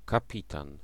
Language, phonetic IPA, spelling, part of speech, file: Polish, [kaˈpʲitãn], kapitan, noun, Pl-kapitan.ogg